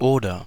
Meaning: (conjunction) or; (particle) right?; is it?; is it not?
- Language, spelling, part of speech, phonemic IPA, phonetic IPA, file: German, oder, conjunction / particle, /ˈoːdər/, [ˈʔoː.dɐ], De-oder.ogg